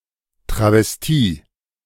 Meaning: travesty (parody or stylistic imitation)
- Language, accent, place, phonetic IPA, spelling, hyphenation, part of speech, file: German, Germany, Berlin, [tʁavɛsˈtiː], Travestie, Tra‧ves‧tie, noun, De-Travestie.ogg